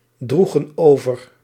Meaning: inflection of overdragen: 1. plural past indicative 2. plural past subjunctive
- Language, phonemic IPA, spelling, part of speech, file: Dutch, /ˈdruɣə(n) ˈovər/, droegen over, verb, Nl-droegen over.ogg